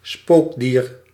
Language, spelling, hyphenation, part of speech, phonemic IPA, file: Dutch, spookdier, spook‧dier, noun, /ˈspoːk.diːr/, Nl-spookdier.ogg
- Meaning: 1. tarsier, primate of the family Tarsiidae 2. ghost animal (undead, spectral animal)